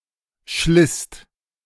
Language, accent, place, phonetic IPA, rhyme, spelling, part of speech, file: German, Germany, Berlin, [ʃlɪst], -ɪst, schlisst, verb, De-schlisst.ogg
- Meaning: second-person singular/plural preterite of schleißen